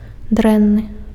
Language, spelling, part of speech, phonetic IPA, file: Belarusian, дрэнны, adjective, [ˈdrɛnːɨ], Be-дрэнны.ogg
- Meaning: bad